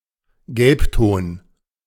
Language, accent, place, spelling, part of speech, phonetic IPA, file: German, Germany, Berlin, Gelbton, noun, [ˈɡɛlpˌtoːn], De-Gelbton.ogg
- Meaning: yellow shade / tone